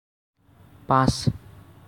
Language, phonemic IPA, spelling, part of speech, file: Assamese, /pãs/, পাঁচ, numeral, As-পাঁচ.ogg
- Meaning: five